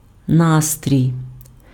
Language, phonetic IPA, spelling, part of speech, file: Ukrainian, [ˈnastʲrʲii̯], настрій, noun, Uk-настрій.ogg
- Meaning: mood, humour, spirits, frame of mind, state of mind (mental or emotional state)